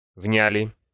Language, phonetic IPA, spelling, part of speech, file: Russian, [ˈvnʲælʲɪ], вняли, verb, Ru-вняли.ogg
- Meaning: plural past indicative perfective of внять (vnjatʹ)